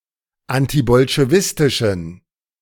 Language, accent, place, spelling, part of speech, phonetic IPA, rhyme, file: German, Germany, Berlin, antibolschewistischen, adjective, [ˌantibɔlʃeˈvɪstɪʃn̩], -ɪstɪʃn̩, De-antibolschewistischen.ogg
- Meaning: inflection of antibolschewistisch: 1. strong genitive masculine/neuter singular 2. weak/mixed genitive/dative all-gender singular 3. strong/weak/mixed accusative masculine singular